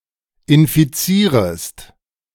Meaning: second-person singular subjunctive I of infizieren
- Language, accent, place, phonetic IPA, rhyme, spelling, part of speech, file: German, Germany, Berlin, [ɪnfiˈt͡siːʁəst], -iːʁəst, infizierest, verb, De-infizierest.ogg